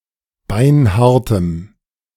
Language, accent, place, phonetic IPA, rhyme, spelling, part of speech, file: German, Germany, Berlin, [ˈbaɪ̯nˈhaʁtəm], -aʁtəm, beinhartem, adjective, De-beinhartem.ogg
- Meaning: strong dative masculine/neuter singular of beinhart